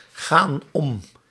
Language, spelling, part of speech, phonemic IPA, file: Dutch, gaan om, verb, /ˈɣan ˈɔm/, Nl-gaan om.ogg
- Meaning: inflection of omgaan: 1. plural present indicative 2. plural present subjunctive